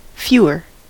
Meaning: 1. comparative degree of few; a smaller number 2. Less; a smaller amount of something non-integral commonly expressed as an integer
- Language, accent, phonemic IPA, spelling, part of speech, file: English, US, /ˈfjuː.ɚ/, fewer, determiner, En-us-fewer.ogg